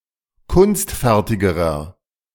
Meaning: inflection of kunstfertig: 1. strong/mixed nominative masculine singular comparative degree 2. strong genitive/dative feminine singular comparative degree 3. strong genitive plural comparative degree
- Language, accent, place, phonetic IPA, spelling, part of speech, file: German, Germany, Berlin, [ˈkʊnstˌfɛʁtɪɡəʁɐ], kunstfertigerer, adjective, De-kunstfertigerer.ogg